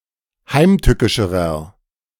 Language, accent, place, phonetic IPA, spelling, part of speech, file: German, Germany, Berlin, [ˈhaɪ̯mˌtʏkɪʃəʁɐ], heimtückischerer, adjective, De-heimtückischerer.ogg
- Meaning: inflection of heimtückisch: 1. strong/mixed nominative masculine singular comparative degree 2. strong genitive/dative feminine singular comparative degree 3. strong genitive plural comparative degree